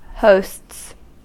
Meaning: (noun) plural of host; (verb) third-person singular simple present indicative of host
- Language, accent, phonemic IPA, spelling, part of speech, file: English, US, /hoʊsts/, hosts, noun / verb, En-us-hosts.ogg